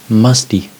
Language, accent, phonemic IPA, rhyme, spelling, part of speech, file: English, General American, /ˈmʌsti/, -ʌsti, musty, adjective / noun / verb, En-us-musty.ogg
- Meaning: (adjective) 1. Affected by dampness or mould; damp, mildewed, mouldy 2. Having an odour or taste of mould; also (generally), having a stale or unfresh odour or taste